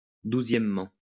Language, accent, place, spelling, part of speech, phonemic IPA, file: French, France, Lyon, douzièmement, adverb, /du.zjɛm.mɑ̃/, LL-Q150 (fra)-douzièmement.wav
- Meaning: twelfthly